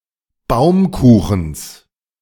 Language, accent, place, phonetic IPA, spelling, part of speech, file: German, Germany, Berlin, [ˈbaʊ̯mˌkuːxn̩s], Baumkuchens, noun, De-Baumkuchens.ogg
- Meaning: genitive singular of Baumkuchen